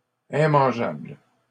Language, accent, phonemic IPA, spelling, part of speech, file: French, Canada, /ɛ̃.mɑ̃.ʒabl/, immangeables, adjective, LL-Q150 (fra)-immangeables.wav
- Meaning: plural of immangeable